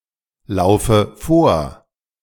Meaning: inflection of vorlaufen: 1. first-person singular present 2. first/third-person singular subjunctive I 3. singular imperative
- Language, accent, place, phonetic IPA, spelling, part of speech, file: German, Germany, Berlin, [ˌlaʊ̯fə ˈfoːɐ̯], laufe vor, verb, De-laufe vor.ogg